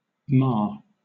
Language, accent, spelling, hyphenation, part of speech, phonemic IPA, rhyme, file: English, Southern England, mar, mar, verb / noun, /mɑː(ɹ)/, -ɑː(ɹ), LL-Q1860 (eng)-mar.wav
- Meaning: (verb) To spoil; to ruin; to scathe; to damage; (noun) 1. A blemish 2. Alternative form of mere (“a body of standing water”) 3. Alternative form of mayor and mair